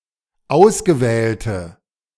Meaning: inflection of ausgewählt: 1. strong/mixed nominative/accusative feminine singular 2. strong nominative/accusative plural 3. weak nominative all-gender singular
- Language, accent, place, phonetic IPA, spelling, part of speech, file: German, Germany, Berlin, [ˈaʊ̯sɡəˌvɛːltə], ausgewählte, adjective, De-ausgewählte.ogg